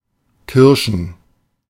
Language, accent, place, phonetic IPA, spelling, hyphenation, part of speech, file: German, Germany, Berlin, [ˈkɪʁʃn̩], Kirschen, Kir‧schen, noun, De-Kirschen.ogg
- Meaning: plural of Kirsche